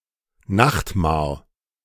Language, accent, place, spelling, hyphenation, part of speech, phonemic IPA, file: German, Germany, Berlin, Nachtmahr, Nacht‧mahr, noun, /ˈnaxtmaːɐ̯/, De-Nachtmahr.ogg
- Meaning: nightmare